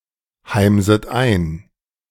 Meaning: second-person plural subjunctive I of einheimsen
- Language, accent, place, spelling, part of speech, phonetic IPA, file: German, Germany, Berlin, heimset ein, verb, [ˌhaɪ̯mzət ˈaɪ̯n], De-heimset ein.ogg